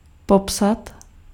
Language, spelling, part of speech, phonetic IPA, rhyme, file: Czech, popsat, verb, [ˈpopsat], -opsat, Cs-popsat.ogg
- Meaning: to describe (to represent in words)